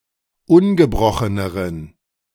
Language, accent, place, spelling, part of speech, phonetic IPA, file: German, Germany, Berlin, ungebrocheneren, adjective, [ˈʊnɡəˌbʁɔxənəʁən], De-ungebrocheneren.ogg
- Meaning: inflection of ungebrochen: 1. strong genitive masculine/neuter singular comparative degree 2. weak/mixed genitive/dative all-gender singular comparative degree